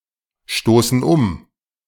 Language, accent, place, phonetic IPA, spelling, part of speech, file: German, Germany, Berlin, [ˌʃtoːsn̩ ˈʊm], stoßen um, verb, De-stoßen um.ogg
- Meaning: inflection of umstoßen: 1. first/third-person plural present 2. first/third-person plural subjunctive I